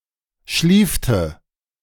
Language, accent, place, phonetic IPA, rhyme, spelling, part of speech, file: German, Germany, Berlin, [ˈʃliːftə], -iːftə, schliefte, verb, De-schliefte.ogg
- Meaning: inflection of schliefen: 1. first/third-person singular preterite 2. first/third-person singular subjunctive II